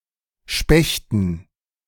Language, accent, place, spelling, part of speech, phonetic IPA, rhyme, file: German, Germany, Berlin, Spechten, noun, [ˈʃpɛçtn̩], -ɛçtn̩, De-Spechten.ogg
- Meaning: dative plural of Specht